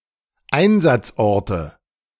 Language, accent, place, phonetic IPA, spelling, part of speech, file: German, Germany, Berlin, [ˈaɪ̯nzat͡sˌʔɔʁtə], Einsatzorte, noun, De-Einsatzorte.ogg
- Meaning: nominative/accusative/genitive plural of Einsatzort